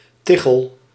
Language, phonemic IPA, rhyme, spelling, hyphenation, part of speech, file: Dutch, /ˈtɪ.xəl/, -ɪxəl, tichel, ti‧chel, noun, Nl-tichel.ogg
- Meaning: 1. roof tile 2. brick 3. flagstone